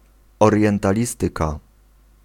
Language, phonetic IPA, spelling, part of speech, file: Polish, [ˌɔrʲjɛ̃ntaˈlʲistɨka], orientalistyka, noun, Pl-orientalistyka.ogg